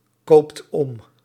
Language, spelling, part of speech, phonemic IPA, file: Dutch, koopt om, verb, /ˈkopt ˈɔm/, Nl-koopt om.ogg
- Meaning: inflection of omkopen: 1. second/third-person singular present indicative 2. plural imperative